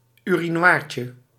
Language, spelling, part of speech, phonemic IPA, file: Dutch, urinoirtje, noun, /yriˈɱwarcə/, Nl-urinoirtje.ogg
- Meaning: diminutive of urinoir